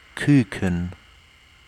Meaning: 1. chick (young bird), fledgling, hatchling, squab (of a pigeon or dove) 2. the youngest in a group 3. plug (as in a cask)
- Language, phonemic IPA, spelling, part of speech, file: German, /ˈkyːkən/, Küken, noun, De-Küken.ogg